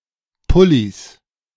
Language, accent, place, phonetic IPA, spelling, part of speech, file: German, Germany, Berlin, [ˈpʊliːs], Pullis, noun, De-Pullis.ogg
- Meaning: 1. genitive singular of Pulli 2. plural of Pulli